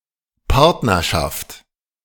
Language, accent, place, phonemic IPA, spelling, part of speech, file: German, Germany, Berlin, /ˈpaʁtnɐʃaft/, Partnerschaft, noun, De-Partnerschaft.ogg
- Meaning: 1. partnership (state of joint association in conducting affairs) 2. partnership, relationship (state of being associated with another person)